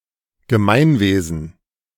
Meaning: body politic (collective body as politically organized)
- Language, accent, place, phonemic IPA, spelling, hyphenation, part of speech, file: German, Germany, Berlin, /ɡəˈmaɪ̯nˌveːzn̩/, Gemeinwesen, Ge‧mein‧we‧sen, noun, De-Gemeinwesen.ogg